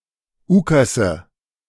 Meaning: nominative/accusative/genitive plural of Ukas
- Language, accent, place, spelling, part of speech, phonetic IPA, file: German, Germany, Berlin, Ukase, noun, [ˈuːkasə], De-Ukase.ogg